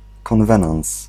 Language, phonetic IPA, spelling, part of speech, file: Polish, [kɔ̃nˈvɛ̃nãw̃s], konwenans, noun, Pl-konwenans.ogg